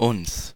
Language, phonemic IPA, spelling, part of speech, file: German, /ʊns/, uns, pronoun, De-uns.ogg
- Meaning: 1. accusative/dative of wir: us 2. reflexive pronoun of wir